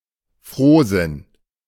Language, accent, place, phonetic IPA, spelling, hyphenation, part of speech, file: German, Germany, Berlin, [ˈfʀoːzɪn], Frohsinn, Froh‧sinn, noun, De-Frohsinn.ogg
- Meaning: cheerfulness